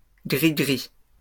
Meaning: alternative spelling of grigri
- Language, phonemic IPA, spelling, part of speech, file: French, /ɡʁi.ɡʁi/, gri-gri, noun, LL-Q150 (fra)-gri-gri.wav